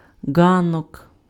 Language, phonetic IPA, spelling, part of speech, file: Ukrainian, [ˈɡanɔk], ґанок, noun, Uk-ґанок.ogg
- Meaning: porch